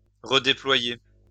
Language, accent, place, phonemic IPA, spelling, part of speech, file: French, France, Lyon, /ʁə.de.plwa.je/, redéployer, verb, LL-Q150 (fra)-redéployer.wav
- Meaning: to redeploy